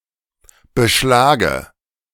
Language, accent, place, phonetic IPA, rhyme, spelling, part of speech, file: German, Germany, Berlin, [bəˈʃlaːɡə], -aːɡə, beschlage, verb, De-beschlage.ogg
- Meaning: inflection of beschlagen: 1. first-person singular present 2. first/third-person singular subjunctive I 3. singular imperative